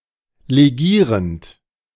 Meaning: present participle of legieren
- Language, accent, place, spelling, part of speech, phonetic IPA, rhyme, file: German, Germany, Berlin, legierend, verb, [leˈɡiːʁənt], -iːʁənt, De-legierend.ogg